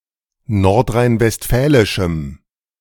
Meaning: strong dative masculine/neuter singular of nordrhein-westfälisch
- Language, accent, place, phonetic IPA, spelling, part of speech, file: German, Germany, Berlin, [ˌnɔʁtʁaɪ̯nvɛstˈfɛːlɪʃm̩], nordrhein-westfälischem, adjective, De-nordrhein-westfälischem.ogg